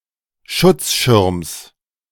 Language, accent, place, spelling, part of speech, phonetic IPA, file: German, Germany, Berlin, Schutzschirms, noun, [ˈʃʊt͡sˌʃɪʁms], De-Schutzschirms.ogg
- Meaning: genitive singular of Schutzschirm